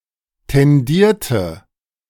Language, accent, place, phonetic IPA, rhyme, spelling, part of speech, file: German, Germany, Berlin, [tɛnˈdiːɐ̯tə], -iːɐ̯tə, tendierte, verb, De-tendierte.ogg
- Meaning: inflection of tendieren: 1. first/third-person singular preterite 2. first/third-person singular subjunctive II